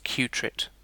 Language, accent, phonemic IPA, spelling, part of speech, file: English, UK, /ˈkjuːtɹɪt/, qutrit, noun, En-uk-qutrit.ogg
- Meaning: A quantum trit; the unit of quantum information described by a superposition of three states; a ternary qudit